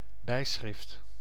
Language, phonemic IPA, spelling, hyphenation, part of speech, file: Dutch, /ˈbɛi̯sxrɪft/, bijschrift, bij‧schrift, noun, Nl-bijschrift.ogg
- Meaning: caption (a title or brief explanation attached to an illustration or cartoon)